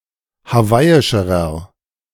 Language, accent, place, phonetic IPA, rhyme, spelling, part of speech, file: German, Germany, Berlin, [haˈvaɪ̯ɪʃəʁɐ], -aɪ̯ɪʃəʁɐ, hawaiischerer, adjective, De-hawaiischerer.ogg
- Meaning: inflection of hawaiisch: 1. strong/mixed nominative masculine singular comparative degree 2. strong genitive/dative feminine singular comparative degree 3. strong genitive plural comparative degree